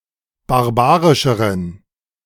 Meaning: inflection of barbarisch: 1. strong genitive masculine/neuter singular comparative degree 2. weak/mixed genitive/dative all-gender singular comparative degree
- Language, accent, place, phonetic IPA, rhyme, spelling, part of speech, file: German, Germany, Berlin, [baʁˈbaːʁɪʃəʁən], -aːʁɪʃəʁən, barbarischeren, adjective, De-barbarischeren.ogg